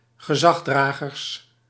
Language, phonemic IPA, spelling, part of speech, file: Dutch, /ɣəˈzɑxsdraɣərs/, gezagsdragers, noun, Nl-gezagsdragers.ogg
- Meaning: plural of gezagsdrager